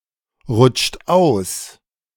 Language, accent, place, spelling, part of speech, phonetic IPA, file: German, Germany, Berlin, rutscht aus, verb, [ˌʁʊt͡ʃt ˈaʊ̯s], De-rutscht aus.ogg
- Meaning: inflection of ausrutschen: 1. second-person plural present 2. third-person singular present 3. plural imperative